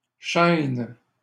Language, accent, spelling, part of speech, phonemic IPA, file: French, Canada, chaînes, noun, /ʃɛn/, LL-Q150 (fra)-chaînes.wav
- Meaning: plural of chaîne